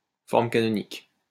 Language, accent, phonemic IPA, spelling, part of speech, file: French, France, /fɔʁ.m(ə) ka.nɔ.nik/, forme canonique, noun, LL-Q150 (fra)-forme canonique.wav
- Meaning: 1. canonical form (standard or normal presentation of a mathematical entity) 2. dictionary form (standard or normal form of a word)